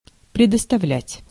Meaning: 1. to let have (to), to leave (to) 2. to give (to), to render (to), to grant (to)
- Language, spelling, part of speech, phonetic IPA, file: Russian, предоставлять, verb, [prʲɪdəstɐˈvlʲætʲ], Ru-предоставлять.ogg